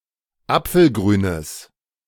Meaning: strong/mixed nominative/accusative neuter singular of apfelgrün
- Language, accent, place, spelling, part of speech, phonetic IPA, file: German, Germany, Berlin, apfelgrünes, adjective, [ˈap͡fl̩ˌɡʁyːnəs], De-apfelgrünes.ogg